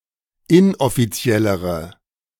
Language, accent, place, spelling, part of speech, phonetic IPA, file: German, Germany, Berlin, inoffiziellere, adjective, [ˈɪnʔɔfiˌt͡si̯ɛləʁə], De-inoffiziellere.ogg
- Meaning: inflection of inoffiziell: 1. strong/mixed nominative/accusative feminine singular comparative degree 2. strong nominative/accusative plural comparative degree